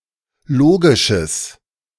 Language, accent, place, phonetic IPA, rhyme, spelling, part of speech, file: German, Germany, Berlin, [ˈloːɡɪʃəs], -oːɡɪʃəs, logisches, adjective, De-logisches.ogg
- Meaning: strong/mixed nominative/accusative neuter singular of logisch